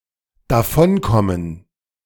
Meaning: 1. to get off, to get away (To escape, usually with mild consequences.) 2. to get away with
- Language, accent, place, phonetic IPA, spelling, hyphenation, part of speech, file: German, Germany, Berlin, [daˈfɔnˌkɔmən], davonkommen, da‧von‧kom‧men, verb, De-davonkommen.ogg